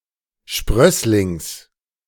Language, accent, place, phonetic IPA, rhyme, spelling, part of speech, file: German, Germany, Berlin, [ˈʃpʁœslɪŋs], -œslɪŋs, Sprösslings, noun, De-Sprösslings.ogg
- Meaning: genitive of Sprössling